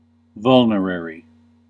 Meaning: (adjective) 1. Useful or used for healing wounds; curative, healing 2. Causing wounds; wounding; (noun) A healing drug or other agent used in healing and treating wounds
- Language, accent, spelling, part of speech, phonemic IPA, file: English, US, vulnerary, adjective / noun, /ˈvʌl.nɚ.ɛɹ.i/, En-us-vulnerary.ogg